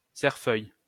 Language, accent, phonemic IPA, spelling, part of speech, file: French, France, /sɛʁ.fœj/, cerfeuil, noun, LL-Q150 (fra)-cerfeuil.wav
- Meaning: garden chervil, chervil